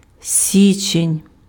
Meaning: January
- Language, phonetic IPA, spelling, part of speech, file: Ukrainian, [ˈsʲit͡ʃenʲ], січень, noun, Uk-січень.ogg